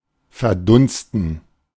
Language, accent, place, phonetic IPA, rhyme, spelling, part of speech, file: German, Germany, Berlin, [fɛɐ̯ˈdʊnstn̩], -ʊnstn̩, verdunsten, verb, De-verdunsten.ogg
- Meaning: 1. to evaporate, vaporize 2. to transpire